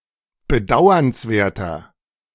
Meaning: 1. comparative degree of bedauernswert 2. inflection of bedauernswert: strong/mixed nominative masculine singular 3. inflection of bedauernswert: strong genitive/dative feminine singular
- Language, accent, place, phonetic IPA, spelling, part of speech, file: German, Germany, Berlin, [bəˈdaʊ̯ɐnsˌveːɐ̯tɐ], bedauernswerter, adjective, De-bedauernswerter.ogg